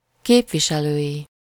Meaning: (adjective) electoral, of or pertaining to representing a constituency; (noun) third-person singular multiple-possession possessive of képviselő
- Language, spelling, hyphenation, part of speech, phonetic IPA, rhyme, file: Hungarian, képviselői, kép‧vi‧se‧lői, adjective / noun, [ˈkeːpviʃɛløːji], -ji, Hu-képviselői.ogg